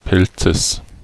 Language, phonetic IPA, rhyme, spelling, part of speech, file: German, [ˈpɛlt͡səs], -ɛlt͡səs, Pelzes, noun, De-Pelzes.ogg
- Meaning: genitive singular of Pelz